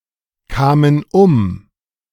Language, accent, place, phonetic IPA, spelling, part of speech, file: German, Germany, Berlin, [ˌkaːmən ˈʊm], kamen um, verb, De-kamen um.ogg
- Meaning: first/third-person plural preterite of umkommen